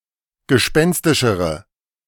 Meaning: inflection of gespenstisch: 1. strong/mixed nominative/accusative feminine singular comparative degree 2. strong nominative/accusative plural comparative degree
- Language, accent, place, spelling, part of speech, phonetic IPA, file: German, Germany, Berlin, gespenstischere, adjective, [ɡəˈʃpɛnstɪʃəʁə], De-gespenstischere.ogg